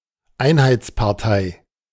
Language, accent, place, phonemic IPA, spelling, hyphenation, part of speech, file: German, Germany, Berlin, /ˈaɪ̯nhaɪ̯tspaʁˌtaɪ̯/, Einheitspartei, Ein‧heits‧par‧tei, proper noun, De-Einheitspartei.ogg
- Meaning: Unity Party (the main party of a state)